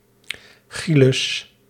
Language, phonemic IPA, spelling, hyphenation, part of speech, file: Dutch, /ˈxilʏs/, chylus, chy‧lus, noun, Nl-chylus.ogg
- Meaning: alternative spelling of chijl